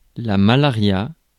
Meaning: malaria
- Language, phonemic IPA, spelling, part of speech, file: French, /ma.la.ʁja/, malaria, noun, Fr-malaria.ogg